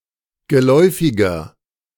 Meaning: 1. comparative degree of geläufig 2. inflection of geläufig: strong/mixed nominative masculine singular 3. inflection of geläufig: strong genitive/dative feminine singular
- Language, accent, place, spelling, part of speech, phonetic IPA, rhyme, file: German, Germany, Berlin, geläufiger, adjective, [ɡəˈlɔɪ̯fɪɡɐ], -ɔɪ̯fɪɡɐ, De-geläufiger.ogg